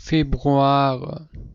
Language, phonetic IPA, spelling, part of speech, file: German, [ˈfeːbʁuaːʁə], Februare, noun, De-Februare.ogg
- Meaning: nominative/accusative/genitive plural of Februar